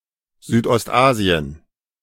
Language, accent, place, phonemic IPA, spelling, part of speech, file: German, Germany, Berlin, /ˌzyːtʔɔstˈʔaːziən/, Südostasien, proper noun, De-Südostasien.ogg
- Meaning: Southeast Asia (a geographic region of Asia, comprising the territories of Brunei, Cambodia, East Timor, Indonesia, Laos, Malaysia, Myanmar (Burma), the Philippines, Singapore, Thailand, and Vietnam)